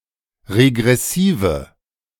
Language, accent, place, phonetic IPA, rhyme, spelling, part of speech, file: German, Germany, Berlin, [ʁeɡʁɛˈsiːvə], -iːvə, regressive, adjective, De-regressive.ogg
- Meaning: inflection of regressiv: 1. strong/mixed nominative/accusative feminine singular 2. strong nominative/accusative plural 3. weak nominative all-gender singular